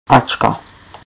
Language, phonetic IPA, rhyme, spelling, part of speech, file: Czech, [ at͡ʃka], -atʃka, -ačka, suffix, Cs-ačka.ogg
- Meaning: a noun-forming suffix